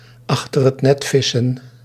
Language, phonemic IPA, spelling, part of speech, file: Dutch, /ˌɑxtər ət ˈnɛt ˌvɪsə(n)/, achter het net vissen, verb, Nl-achter het net vissen.ogg
- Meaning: to miss an opportunity, miss the boat, to be too late